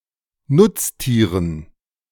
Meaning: dative plural of Nutztier
- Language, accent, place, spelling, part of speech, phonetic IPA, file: German, Germany, Berlin, Nutztieren, noun, [ˈnʊt͡sˌtiːʁən], De-Nutztieren.ogg